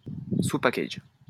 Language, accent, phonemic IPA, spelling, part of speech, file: French, France, /su.pa.kaʒ/, sous-package, noun, LL-Q150 (fra)-sous-package.wav
- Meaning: subpackage